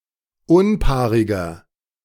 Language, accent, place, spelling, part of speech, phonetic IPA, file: German, Germany, Berlin, unpaariger, adjective, [ˈʊnˌpaːʁɪɡɐ], De-unpaariger.ogg
- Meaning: inflection of unpaarig: 1. strong/mixed nominative masculine singular 2. strong genitive/dative feminine singular 3. strong genitive plural